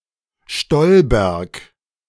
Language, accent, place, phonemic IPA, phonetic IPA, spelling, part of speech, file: German, Germany, Berlin, /ˈʃtɔlˌbɛʁk/, [ˈʃtɔlˌbɛɐ̯kʰ], Stolberg, proper noun, De-Stolberg.ogg
- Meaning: a town in Aachen district, North Rhine-Westphalia, Germany